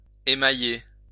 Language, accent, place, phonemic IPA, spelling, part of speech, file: French, France, Lyon, /e.ma.je/, émailler, verb, LL-Q150 (fra)-émailler.wav
- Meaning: 1. to enamel 2. to mar, spoil, blemish